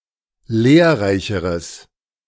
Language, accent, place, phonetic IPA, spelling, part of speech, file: German, Germany, Berlin, [ˈleːɐ̯ˌʁaɪ̯çəʁəs], lehrreicheres, adjective, De-lehrreicheres.ogg
- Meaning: strong/mixed nominative/accusative neuter singular comparative degree of lehrreich